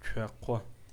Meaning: alternative form of цуакъэ (cʷaqɛ)
- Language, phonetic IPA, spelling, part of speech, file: Adyghe, [t͡ʃʷaːqʷa], чъуакъо, noun, Chwaqo.ogg